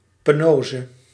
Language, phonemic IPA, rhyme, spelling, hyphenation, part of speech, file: Dutch, /pəˈnoː.zə/, -oːzə, penoze, pe‧no‧ze, noun, Nl-penoze.ogg
- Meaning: underworld